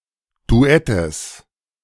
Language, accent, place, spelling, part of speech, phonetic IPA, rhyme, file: German, Germany, Berlin, Duettes, noun, [duˈɛtəs], -ɛtəs, De-Duettes.ogg
- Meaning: genitive singular of Duett